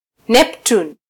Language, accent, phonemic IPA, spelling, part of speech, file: Swahili, Kenya, /ˈnɛp.tun/, Neptun, proper noun, Sw-ke-Neptun.flac
- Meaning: Neptune (planet)